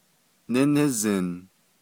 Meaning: 1. second-person singular imperfective of nízin 2. second-person singular imperfective of yinízin
- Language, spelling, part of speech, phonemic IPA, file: Navajo, nínízin, verb, /nɪ́nɪ́zɪ̀n/, Nv-nínízin.ogg